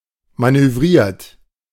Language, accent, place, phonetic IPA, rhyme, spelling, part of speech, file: German, Germany, Berlin, [ˌmanøˈvʁiːɐ̯t], -iːɐ̯t, manövriert, verb, De-manövriert.ogg
- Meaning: 1. past participle of manövrieren 2. inflection of manövrieren: third-person singular present 3. inflection of manövrieren: second-person plural present 4. inflection of manövrieren: plural imperative